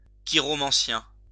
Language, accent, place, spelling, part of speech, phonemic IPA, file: French, France, Lyon, chiromancien, noun, /ki.ʁɔ.mɑ̃.sjɛ̃/, LL-Q150 (fra)-chiromancien.wav
- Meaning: palmist, chiromancer